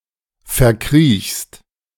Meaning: second-person singular present of verkriechen
- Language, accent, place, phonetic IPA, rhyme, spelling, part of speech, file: German, Germany, Berlin, [fɛɐ̯ˈkʁiːçst], -iːçst, verkriechst, verb, De-verkriechst.ogg